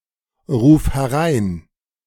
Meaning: singular imperative of hereinrufen
- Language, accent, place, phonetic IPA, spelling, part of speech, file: German, Germany, Berlin, [ˌʁuːf hɛˈʁaɪ̯n], ruf herein, verb, De-ruf herein.ogg